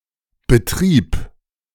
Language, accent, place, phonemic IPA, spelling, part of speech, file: German, Germany, Berlin, /bəˈtʁiːp/, Betrieb, noun, De-Betrieb.ogg